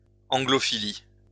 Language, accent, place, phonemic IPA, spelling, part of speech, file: French, France, Lyon, /ɑ̃.ɡlɔ.fi.li/, anglophilie, noun, LL-Q150 (fra)-anglophilie.wav
- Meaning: Anglophilia